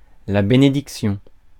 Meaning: 1. blessing (some kind of divine or supernatural aid, or reward) 2. benediction
- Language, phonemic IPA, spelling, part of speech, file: French, /be.ne.dik.sjɔ̃/, bénédiction, noun, Fr-bénédiction.ogg